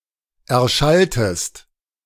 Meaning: inflection of erschallen: 1. second-person singular preterite 2. second-person singular subjunctive II
- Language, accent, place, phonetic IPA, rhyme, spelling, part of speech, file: German, Germany, Berlin, [ˌɛɐ̯ˈʃaltəst], -altəst, erschalltest, verb, De-erschalltest.ogg